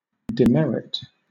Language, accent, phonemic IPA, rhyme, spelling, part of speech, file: English, Southern England, /dɪˈmɛɹɪt/, -ɛɹɪt, demerit, noun / verb, LL-Q1860 (eng)-demerit.wav
- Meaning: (noun) 1. A quality of being inadequate; a disadvantage, a fault 2. A mark given for bad conduct to a person attending an educational institution or serving in the army